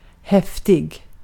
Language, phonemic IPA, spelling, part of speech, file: Swedish, /ˈhɛfˌtɪ(ɡ)/, häftig, adjective, Sv-häftig.ogg
- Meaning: 1. forceful or intense (like a violent or intense release of energy); violent, intense, fierce, etc 2. easily angered (of a person or their temperament); volatile, hot-tempered, etc 3. cool